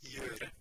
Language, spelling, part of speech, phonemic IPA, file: Norwegian Bokmål, gjøre, verb, /ˈjø̂ːɾə/, No-gjøre.ogg
- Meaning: to do (something)